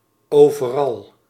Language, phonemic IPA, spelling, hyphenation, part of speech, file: Dutch, /ˈoː.vəˌrɑl/, overal, over‧al, adverb, Nl-overal.ogg
- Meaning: 1. everywhere, anywhere 2. all over, throughout (present all over a place) 3. pronominal adverb form of alles; everything